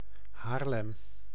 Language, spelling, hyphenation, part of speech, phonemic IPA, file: Dutch, Haarlem, Haar‧lem, proper noun, /ˈɦaːr.lɛm/, Nl-Haarlem.ogg
- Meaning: Haarlem (a city, municipality, and capital of North Holland, Netherlands)